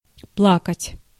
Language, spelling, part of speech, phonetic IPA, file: Russian, плакать, verb, [ˈpɫakətʲ], Ru-плакать.ogg
- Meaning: 1. to cry, to weep 2. to mourn, to weep 3. in expressions